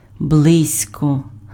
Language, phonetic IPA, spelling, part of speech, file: Ukrainian, [ˈbɫɪzʲkɔ], близько, adverb / preposition, Uk-близько.ogg
- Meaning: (adverb) near, nearby, close; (preposition) near, close to